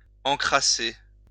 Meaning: 1. to dirty, to foul 2. to get dirty, get filthy
- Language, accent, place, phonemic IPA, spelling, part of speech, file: French, France, Lyon, /ɑ̃.kʁa.se/, encrasser, verb, LL-Q150 (fra)-encrasser.wav